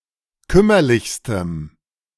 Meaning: strong dative masculine/neuter singular superlative degree of kümmerlich
- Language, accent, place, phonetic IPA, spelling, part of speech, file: German, Germany, Berlin, [ˈkʏmɐlɪçstəm], kümmerlichstem, adjective, De-kümmerlichstem.ogg